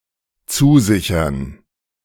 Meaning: to pledge, to assure something
- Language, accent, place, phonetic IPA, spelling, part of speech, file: German, Germany, Berlin, [ˈt͡suːˌzɪçɐn], zusichern, verb, De-zusichern.ogg